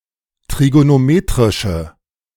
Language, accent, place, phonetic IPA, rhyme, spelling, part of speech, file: German, Germany, Berlin, [tʁiɡonoˈmeːtʁɪʃə], -eːtʁɪʃə, trigonometrische, adjective, De-trigonometrische.ogg
- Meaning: inflection of trigonometrisch: 1. strong/mixed nominative/accusative feminine singular 2. strong nominative/accusative plural 3. weak nominative all-gender singular